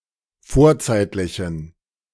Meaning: inflection of vorzeitlich: 1. strong genitive masculine/neuter singular 2. weak/mixed genitive/dative all-gender singular 3. strong/weak/mixed accusative masculine singular 4. strong dative plural
- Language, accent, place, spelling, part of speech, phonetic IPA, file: German, Germany, Berlin, vorzeitlichen, adjective, [ˈfoːɐ̯ˌt͡saɪ̯tlɪçn̩], De-vorzeitlichen.ogg